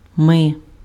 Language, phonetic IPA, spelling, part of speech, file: Ukrainian, [mɪ], ми, pronoun, Uk-ми.ogg
- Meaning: we (first-person plural)